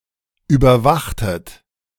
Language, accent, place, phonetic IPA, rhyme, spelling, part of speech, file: German, Germany, Berlin, [ˌyːbɐˈvaxtət], -axtət, überwachtet, verb, De-überwachtet.ogg
- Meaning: inflection of überwachen: 1. second-person plural preterite 2. second-person plural subjunctive II